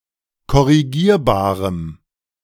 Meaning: strong dative masculine/neuter singular of korrigierbar
- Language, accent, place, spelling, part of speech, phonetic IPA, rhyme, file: German, Germany, Berlin, korrigierbarem, adjective, [kɔʁiˈɡiːɐ̯baːʁəm], -iːɐ̯baːʁəm, De-korrigierbarem.ogg